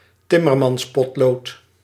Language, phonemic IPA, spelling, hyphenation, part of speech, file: Dutch, /ˈtɪ.mər.mɑnsˌpɔt.loːt/, timmermanspotlood, tim‧mer‧mans‧pot‧lood, noun, Nl-timmermanspotlood.ogg
- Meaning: carpenter's pencil